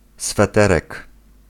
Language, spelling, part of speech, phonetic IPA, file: Polish, sweterek, noun, [sfɛˈtɛrɛk], Pl-sweterek.ogg